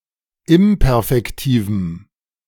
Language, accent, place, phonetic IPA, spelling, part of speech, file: German, Germany, Berlin, [ˈɪmpɛʁfɛktiːvm̩], imperfektivem, adjective, De-imperfektivem.ogg
- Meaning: strong dative masculine/neuter singular of imperfektiv